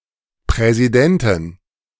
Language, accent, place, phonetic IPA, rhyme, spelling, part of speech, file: German, Germany, Berlin, [pʁɛziˈdɛntn̩], -ɛntn̩, Präsidenten, noun, De-Präsidenten.ogg
- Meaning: inflection of Präsident: 1. genitive/dative/accusative singular 2. nominative/genitive/dative/accusative plural